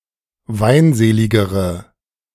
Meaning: inflection of weinselig: 1. strong/mixed nominative/accusative feminine singular comparative degree 2. strong nominative/accusative plural comparative degree
- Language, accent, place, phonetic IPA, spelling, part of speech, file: German, Germany, Berlin, [ˈvaɪ̯nˌzeːlɪɡəʁə], weinseligere, adjective, De-weinseligere.ogg